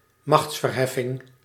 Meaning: exponentiation, the activity or action of raising something to the power of something
- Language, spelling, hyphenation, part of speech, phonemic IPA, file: Dutch, machtsverheffing, machts‧ver‧hef‧fing, noun, /ˈmɑxts.vərˌɦɛ.fɪŋ/, Nl-machtsverheffing.ogg